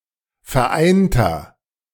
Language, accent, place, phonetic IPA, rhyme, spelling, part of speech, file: German, Germany, Berlin, [fɛɐ̯ˈʔaɪ̯ntɐ], -aɪ̯ntɐ, vereinter, adjective, De-vereinter.ogg
- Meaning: inflection of vereint: 1. strong/mixed nominative masculine singular 2. strong genitive/dative feminine singular 3. strong genitive plural